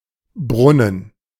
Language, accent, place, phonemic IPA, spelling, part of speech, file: German, Germany, Berlin, /ˈbʁʊnən/, Brunnen, noun, De-Brunnen.ogg
- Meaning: well, fountain